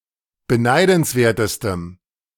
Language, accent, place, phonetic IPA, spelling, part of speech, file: German, Germany, Berlin, [bəˈnaɪ̯dn̩sˌveːɐ̯təstəm], beneidenswertestem, adjective, De-beneidenswertestem.ogg
- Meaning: strong dative masculine/neuter singular superlative degree of beneidenswert